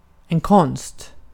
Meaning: 1. an art (a liberal art, to make artworks) 2. an art, a science, a trick, knowledge (something to learn and know) 3. an art, an invention, an engine, a machinery, a pump (something artificial)
- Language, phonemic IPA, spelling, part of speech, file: Swedish, /kɔnːst/, konst, noun, Sv-konst.ogg